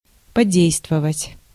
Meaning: to affect, to have an effect on
- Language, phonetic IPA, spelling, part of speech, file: Russian, [pɐˈdʲejstvəvətʲ], подействовать, verb, Ru-подействовать.ogg